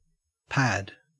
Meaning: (noun) 1. A flattened mass of anything soft, to sit or lie on 2. A cushion used as a saddle without a tree or frame 3. A soft, or small, cushion
- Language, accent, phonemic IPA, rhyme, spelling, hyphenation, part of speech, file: English, Australia, /pæd/, -æd, pad, pad, noun / verb / interjection, En-au-pad.ogg